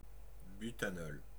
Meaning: butanol (any of four isomeric aliphatic alcohols, C₄H₉-OH)
- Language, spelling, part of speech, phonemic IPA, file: French, butanol, noun, /by.ta.nɔl/, Fr-butanol.ogg